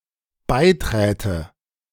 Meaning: first/third-person singular dependent subjunctive II of beitreten
- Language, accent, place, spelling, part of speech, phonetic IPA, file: German, Germany, Berlin, beiträte, verb, [ˈbaɪ̯ˌtʁɛːtə], De-beiträte.ogg